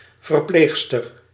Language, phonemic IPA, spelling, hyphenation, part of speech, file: Dutch, /vərˈpleːx.stər/, verpleegster, ver‧pleeg‧ster, noun, Nl-verpleegster.ogg
- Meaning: nurse, sister (senior nurse)